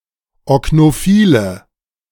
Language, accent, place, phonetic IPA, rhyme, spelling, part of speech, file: German, Germany, Berlin, [ɔknoˈfiːlə], -iːlə, oknophile, adjective, De-oknophile.ogg
- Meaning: inflection of oknophil: 1. strong/mixed nominative/accusative feminine singular 2. strong nominative/accusative plural 3. weak nominative all-gender singular